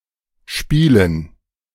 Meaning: 1. gerund of spielen 2. dative plural of Spiel
- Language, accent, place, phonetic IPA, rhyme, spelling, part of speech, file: German, Germany, Berlin, [ˈʃpiːlən], -iːlən, Spielen, noun, De-Spielen.ogg